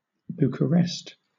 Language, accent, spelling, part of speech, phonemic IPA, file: English, Southern England, Bucharest, proper noun, /ˌb(j)uːkəˈɹɛst/, LL-Q1860 (eng)-Bucharest.wav
- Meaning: 1. The capital city of Romania 2. The capital and largest city of Ilfov County, Romania 3. The Romanian government